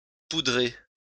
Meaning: to powder (cover in powder)
- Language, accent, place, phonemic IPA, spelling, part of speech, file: French, France, Lyon, /pu.dʁe/, poudrer, verb, LL-Q150 (fra)-poudrer.wav